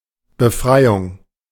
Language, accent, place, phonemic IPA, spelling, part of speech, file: German, Germany, Berlin, /bəˈfʁaɪ̯ʊŋ/, Befreiung, noun, De-Befreiung.ogg
- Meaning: 1. liberation 2. exemption